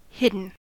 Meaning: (verb) past participle of hide; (adjective) 1. Located or positioned out of sight; not visually apparent 2. Obscure
- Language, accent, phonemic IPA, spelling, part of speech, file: English, US, /ˈhɪd.(ə)n/, hidden, verb / adjective / noun, En-us-hidden.ogg